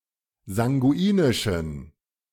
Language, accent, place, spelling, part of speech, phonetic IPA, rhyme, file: German, Germany, Berlin, sanguinischen, adjective, [zaŋɡuˈiːnɪʃn̩], -iːnɪʃn̩, De-sanguinischen.ogg
- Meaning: inflection of sanguinisch: 1. strong genitive masculine/neuter singular 2. weak/mixed genitive/dative all-gender singular 3. strong/weak/mixed accusative masculine singular 4. strong dative plural